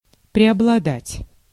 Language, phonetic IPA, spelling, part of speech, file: Russian, [prʲɪəbɫɐˈdatʲ], преобладать, verb, Ru-преобладать.ogg
- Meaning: 1. to prevail 2. to predominate, to dominate